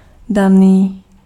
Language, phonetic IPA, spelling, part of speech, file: Czech, [ˈdaniː], daný, adjective, Cs-daný.ogg
- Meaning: given